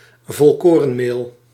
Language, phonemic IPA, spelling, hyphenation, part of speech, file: Dutch, /vɔlˈkoː.rə(n)ˌmeːl/, volkorenmeel, vol‧ko‧ren‧meel, noun, Nl-volkorenmeel.ogg
- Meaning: wholemeal flour